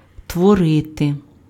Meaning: to create, make, produce
- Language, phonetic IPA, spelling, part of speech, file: Ukrainian, [twɔˈrɪte], творити, verb, Uk-творити.ogg